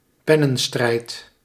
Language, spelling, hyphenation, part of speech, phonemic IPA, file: Dutch, pennenstrijd, pen‧nen‧strijd, noun, /ˈpɛ.nə(n).ˌstrɛi̯t/, Nl-pennenstrijd.ogg
- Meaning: a polemic playing out in writing